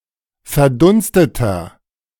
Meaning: inflection of verdunstet: 1. strong/mixed nominative masculine singular 2. strong genitive/dative feminine singular 3. strong genitive plural
- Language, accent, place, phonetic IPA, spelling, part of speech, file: German, Germany, Berlin, [fɛɐ̯ˈdʊnstətɐ], verdunsteter, adjective, De-verdunsteter.ogg